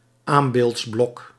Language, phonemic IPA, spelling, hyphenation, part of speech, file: Dutch, /ˈaːm.beːltsˌblɔk/, aambeeldsblok, aam‧beelds‧blok, noun, Nl-aambeeldsblok.ogg
- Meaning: supporting block for an anvil